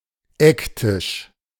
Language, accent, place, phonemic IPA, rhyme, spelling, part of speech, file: German, Germany, Berlin, /ˈɛkˌtɪʃ/, -ɪʃ, Ecktisch, noun, De-Ecktisch.ogg
- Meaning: corner table